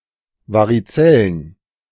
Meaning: chicken pox
- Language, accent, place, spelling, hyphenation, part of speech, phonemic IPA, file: German, Germany, Berlin, Varizellen, Va‧ri‧zel‧len, noun, /ˌvaʁiˈt͡sɛlən/, De-Varizellen.ogg